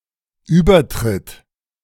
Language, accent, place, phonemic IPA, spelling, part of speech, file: German, Germany, Berlin, /ˈyːbɐˌtʁɪt/, Übertritt, noun, De-Übertritt.ogg
- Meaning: 1. transfer; crossing (over border etc.) 2. conversion